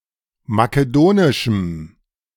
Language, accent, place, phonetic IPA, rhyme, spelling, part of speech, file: German, Germany, Berlin, [makeˈdoːnɪʃm̩], -oːnɪʃm̩, makedonischem, adjective, De-makedonischem.ogg
- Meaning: strong dative masculine/neuter singular of makedonisch